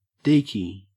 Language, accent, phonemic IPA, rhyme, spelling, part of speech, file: English, Australia, /ˈdiːki/, -iːki, deeky, verb, En-au-deeky.ogg
- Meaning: Alternative form of deek; to look